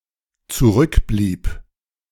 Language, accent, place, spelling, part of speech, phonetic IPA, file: German, Germany, Berlin, zurückblieb, verb, [t͡suˈʁʏkˌbliːp], De-zurückblieb.ogg
- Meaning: first/third-person singular dependent preterite of zurückbleiben